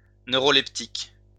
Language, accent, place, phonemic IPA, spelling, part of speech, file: French, France, Lyon, /nø.ʁɔ.lɛp.tik/, neuroleptique, adjective / noun, LL-Q150 (fra)-neuroleptique.wav
- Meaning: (adjective) neuroleptic